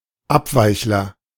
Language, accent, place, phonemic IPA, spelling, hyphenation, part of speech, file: German, Germany, Berlin, /ˈapˌvaɪ̯çlɐ/, Abweichler, Ab‧weich‧ler, noun, De-Abweichler.ogg
- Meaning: dissenter (male or of unspecified gender)